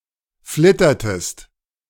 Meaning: inflection of flittern: 1. second-person singular preterite 2. second-person singular subjunctive II
- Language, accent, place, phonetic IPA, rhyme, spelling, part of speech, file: German, Germany, Berlin, [ˈflɪtɐtəst], -ɪtɐtəst, flittertest, verb, De-flittertest.ogg